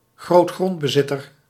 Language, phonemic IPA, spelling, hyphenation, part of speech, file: Dutch, /ɣroːtˈxrɔnt.bəˌzɪ.tər/, grootgrondbezitter, groot‧grond‧be‧zit‧ter, noun, Nl-grootgrondbezitter.ogg
- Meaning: large landowner